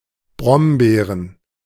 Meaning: plural of Brombeere "blackberries"
- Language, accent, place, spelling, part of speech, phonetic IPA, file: German, Germany, Berlin, Brombeeren, noun, [ˈbʁɔmˌbeːʁən], De-Brombeeren.ogg